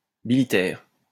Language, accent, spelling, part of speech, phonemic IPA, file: French, France, bilitère, adjective, /bi.li.tɛʁ/, LL-Q150 (fra)-bilitère.wav
- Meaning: biliteral